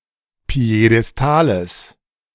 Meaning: genitive singular of Piedestal
- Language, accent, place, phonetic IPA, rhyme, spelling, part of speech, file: German, Germany, Berlin, [pi̯edɛsˈtaːləs], -aːləs, Piedestales, noun, De-Piedestales.ogg